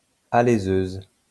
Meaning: boring machine (machine for boring, reaming)
- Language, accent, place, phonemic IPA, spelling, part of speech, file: French, France, Lyon, /a.le.zøz/, aléseuse, noun, LL-Q150 (fra)-aléseuse.wav